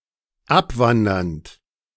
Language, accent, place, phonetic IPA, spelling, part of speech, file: German, Germany, Berlin, [ˈapˌvandɐnt], abwandernd, verb, De-abwandernd.ogg
- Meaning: present participle of abwandern